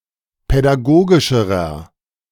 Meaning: inflection of pädagogisch: 1. strong/mixed nominative masculine singular comparative degree 2. strong genitive/dative feminine singular comparative degree 3. strong genitive plural comparative degree
- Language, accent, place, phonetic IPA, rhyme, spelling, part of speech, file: German, Germany, Berlin, [pɛdaˈɡoːɡɪʃəʁɐ], -oːɡɪʃəʁɐ, pädagogischerer, adjective, De-pädagogischerer.ogg